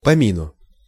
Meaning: dative singular of поми́н (pomín)
- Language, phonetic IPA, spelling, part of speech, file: Russian, [pɐˈmʲinʊ], помину, noun, Ru-помину.ogg